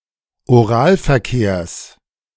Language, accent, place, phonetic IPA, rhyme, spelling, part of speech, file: German, Germany, Berlin, [oˈʁaːlfɛɐ̯ˌkeːɐ̯s], -aːlfɛɐ̯keːɐ̯s, Oralverkehrs, noun, De-Oralverkehrs.ogg
- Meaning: genitive of Oralverkehr